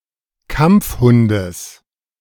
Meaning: genitive singular of Kampfhund
- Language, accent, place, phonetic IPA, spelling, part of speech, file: German, Germany, Berlin, [ˈkamp͡fˌhʊndəs], Kampfhundes, noun, De-Kampfhundes.ogg